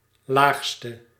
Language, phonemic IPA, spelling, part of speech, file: Dutch, /ˈlaːxstə/, laagste, adjective, Nl-laagste.ogg
- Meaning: inflection of laagst, the superlative degree of laag: 1. masculine/feminine singular attributive 2. definite neuter singular attributive 3. plural attributive